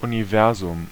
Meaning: universe
- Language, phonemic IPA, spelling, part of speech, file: German, /uniˈvɛʁzʊm/, Universum, noun, De-Universum.ogg